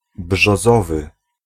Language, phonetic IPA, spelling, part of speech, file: Polish, [bʒɔˈzɔvɨ], brzozowy, adjective, Pl-brzozowy.ogg